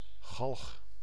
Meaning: 1. gallows, wooden framework on which persons are put to death by hanging 2. the death sentence, notably by hanging 3. a stake or pole to hang/suspend objects on
- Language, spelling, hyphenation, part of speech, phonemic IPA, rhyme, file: Dutch, galg, galg, noun, /ɣɑlx/, -ɑlx, Nl-galg.ogg